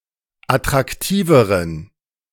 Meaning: inflection of attraktiv: 1. strong genitive masculine/neuter singular comparative degree 2. weak/mixed genitive/dative all-gender singular comparative degree
- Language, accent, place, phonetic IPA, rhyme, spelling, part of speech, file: German, Germany, Berlin, [atʁakˈtiːvəʁən], -iːvəʁən, attraktiveren, adjective, De-attraktiveren.ogg